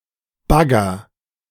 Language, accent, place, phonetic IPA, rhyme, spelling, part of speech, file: German, Germany, Berlin, [ˈbaɡɐ], -aɡɐ, bagger, verb, De-bagger.ogg
- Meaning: inflection of baggern: 1. first-person singular present 2. singular imperative